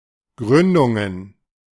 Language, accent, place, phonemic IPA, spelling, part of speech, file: German, Germany, Berlin, /ˈɡʁʏndʊŋən/, Gründungen, noun, De-Gründungen.ogg
- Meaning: plural of Gründung